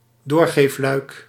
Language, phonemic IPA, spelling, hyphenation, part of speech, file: Dutch, /ˈdoːr.ɣeːfˌlœy̯k/, doorgeefluik, door‧geef‧luik, noun, Nl-doorgeefluik.ogg
- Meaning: 1. a hatch or a shutter in a wall, in particular between the dining room and the kitchen, that allows the cook to relay the food easily to the people in the dining room 2. a medium, a broker